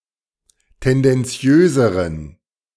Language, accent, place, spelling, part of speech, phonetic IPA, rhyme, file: German, Germany, Berlin, tendenziöseren, adjective, [ˌtɛndɛnˈt͡si̯øːzəʁən], -øːzəʁən, De-tendenziöseren.ogg
- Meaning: inflection of tendenziös: 1. strong genitive masculine/neuter singular comparative degree 2. weak/mixed genitive/dative all-gender singular comparative degree